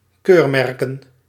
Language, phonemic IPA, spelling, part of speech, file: Dutch, /ˈkørmɛrkən/, keurmerken, verb / noun, Nl-keurmerken.ogg
- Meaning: plural of keurmerk